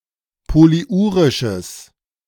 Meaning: strong/mixed nominative/accusative neuter singular of polyurisch
- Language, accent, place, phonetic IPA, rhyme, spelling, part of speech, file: German, Germany, Berlin, [poliˈʔuːʁɪʃəs], -uːʁɪʃəs, polyurisches, adjective, De-polyurisches.ogg